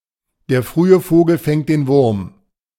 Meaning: the early bird gets the worm
- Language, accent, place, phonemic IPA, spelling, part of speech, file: German, Germany, Berlin, /deːɐ̯ ˈfʁyːə ˈfoːɡl̩ fɛŋt deːn vʊʁm/, der frühe Vogel fängt den Wurm, proverb, De-der frühe Vogel fängt den Wurm.ogg